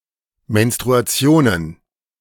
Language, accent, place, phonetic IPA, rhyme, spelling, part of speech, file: German, Germany, Berlin, [mɛnstʁuaˈt͡si̯oːnən], -oːnən, Menstruationen, noun, De-Menstruationen.ogg
- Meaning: plural of Menstruation